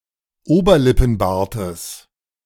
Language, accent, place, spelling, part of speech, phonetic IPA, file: German, Germany, Berlin, Oberlippenbartes, noun, [ˈoːbɐlɪpn̩ˌbaːɐ̯təs], De-Oberlippenbartes.ogg
- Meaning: genitive singular of Oberlippenbart